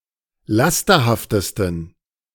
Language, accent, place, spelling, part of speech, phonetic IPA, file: German, Germany, Berlin, lasterhaftesten, adjective, [ˈlastɐhaftəstn̩], De-lasterhaftesten.ogg
- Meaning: 1. superlative degree of lasterhaft 2. inflection of lasterhaft: strong genitive masculine/neuter singular superlative degree